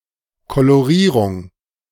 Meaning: colorization
- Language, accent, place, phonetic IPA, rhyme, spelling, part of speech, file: German, Germany, Berlin, [koloˈʁiːʁʊŋ], -iːʁʊŋ, Kolorierung, noun, De-Kolorierung.ogg